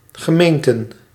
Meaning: plural of gemeente
- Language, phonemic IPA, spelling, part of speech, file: Dutch, /ɣəˈmentə/, gemeenten, noun, Nl-gemeenten.ogg